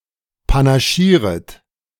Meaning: second-person plural subjunctive I of panaschieren
- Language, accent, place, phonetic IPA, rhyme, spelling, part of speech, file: German, Germany, Berlin, [panaˈʃiːʁət], -iːʁət, panaschieret, verb, De-panaschieret.ogg